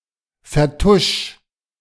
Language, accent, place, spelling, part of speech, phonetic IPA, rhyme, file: German, Germany, Berlin, vertusch, verb, [fɛɐ̯ˈtʊʃ], -ʊʃ, De-vertusch.ogg
- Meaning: 1. singular imperative of vertuschen 2. first-person singular present of vertuschen